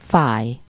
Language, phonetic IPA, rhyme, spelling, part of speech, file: Hungarian, [ˈfaːj], -aːj, fáj, verb, Hu-fáj.ogg
- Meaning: 1. to hurt, ache, be sore 2. to cost something, to set someone back (-ba/-be)